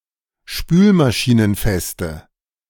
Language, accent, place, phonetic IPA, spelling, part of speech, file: German, Germany, Berlin, [ˈʃpyːlmaʃiːnənˌfɛstə], spülmaschinenfeste, adjective, De-spülmaschinenfeste.ogg
- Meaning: inflection of spülmaschinenfest: 1. strong/mixed nominative/accusative feminine singular 2. strong nominative/accusative plural 3. weak nominative all-gender singular